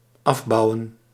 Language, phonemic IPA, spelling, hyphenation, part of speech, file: Dutch, /ˈɑfˌbɑu̯ə(n)/, afbouwen, af‧bou‧wen, verb, Nl-afbouwen.ogg
- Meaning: 1. to finish building 2. to reduce, to phase out